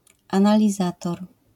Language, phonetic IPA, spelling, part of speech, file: Polish, [ˌãnalʲiˈzatɔr], analizator, noun, LL-Q809 (pol)-analizator.wav